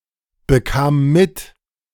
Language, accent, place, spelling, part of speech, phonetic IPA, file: German, Germany, Berlin, bekam mit, verb, [bəˌkaːm ˈmɪt], De-bekam mit.ogg
- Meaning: first/third-person singular preterite of mitbekommen